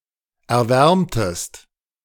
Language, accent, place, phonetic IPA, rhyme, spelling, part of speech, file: German, Germany, Berlin, [ɛɐ̯ˈvɛʁmtəst], -ɛʁmtəst, erwärmtest, verb, De-erwärmtest.ogg
- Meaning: inflection of erwärmen: 1. second-person singular preterite 2. second-person singular subjunctive II